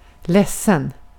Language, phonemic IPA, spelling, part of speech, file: Swedish, /lɛsːən/, ledsen, adjective, Sv-ledsen.ogg
- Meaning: 1. sad 2. sorry